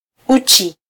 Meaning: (adjective) naked, nude; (noun) 1. nakedness 2. genitals
- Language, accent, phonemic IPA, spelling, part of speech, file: Swahili, Kenya, /ˈu.tʃi/, uchi, adjective / noun, Sw-ke-uchi.flac